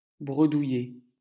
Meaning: to stammer, to mumble
- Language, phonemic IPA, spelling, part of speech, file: French, /bʁə.du.je/, bredouiller, verb, LL-Q150 (fra)-bredouiller.wav